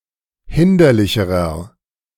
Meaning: inflection of hinderlich: 1. strong/mixed nominative masculine singular comparative degree 2. strong genitive/dative feminine singular comparative degree 3. strong genitive plural comparative degree
- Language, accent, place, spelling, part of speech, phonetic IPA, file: German, Germany, Berlin, hinderlicherer, adjective, [ˈhɪndɐlɪçəʁɐ], De-hinderlicherer.ogg